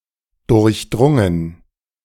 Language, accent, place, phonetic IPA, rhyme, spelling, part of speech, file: German, Germany, Berlin, [ˌdʊʁçˈdʁʊŋən], -ʊŋən, durchdrungen, verb, De-durchdrungen.ogg
- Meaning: past participle of durchdringen